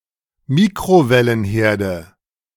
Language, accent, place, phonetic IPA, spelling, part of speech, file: German, Germany, Berlin, [ˈmiːkʁovɛlənˌheːɐ̯də], Mikrowellenherde, noun, De-Mikrowellenherde.ogg
- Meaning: nominative/accusative/genitive plural of Mikrowellenherd